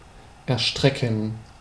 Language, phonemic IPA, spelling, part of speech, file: German, /ɛɐ̯ˈʃtʁɛkən/, erstrecken, verb, De-erstrecken.ogg
- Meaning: 1. to extend 2. to range 3. to cover